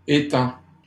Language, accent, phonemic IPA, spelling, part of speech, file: French, Canada, /e.tɑ̃/, étend, verb, LL-Q150 (fra)-étend.wav
- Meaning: third-person singular present indicative of étendre